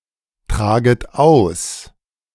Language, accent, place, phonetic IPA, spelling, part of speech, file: German, Germany, Berlin, [ˌtʁaːɡət ˈaʊ̯s], traget aus, verb, De-traget aus.ogg
- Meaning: second-person plural subjunctive I of austragen